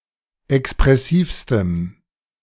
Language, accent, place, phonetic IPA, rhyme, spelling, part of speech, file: German, Germany, Berlin, [ɛkspʁɛˈsiːfstəm], -iːfstəm, expressivstem, adjective, De-expressivstem.ogg
- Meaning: strong dative masculine/neuter singular superlative degree of expressiv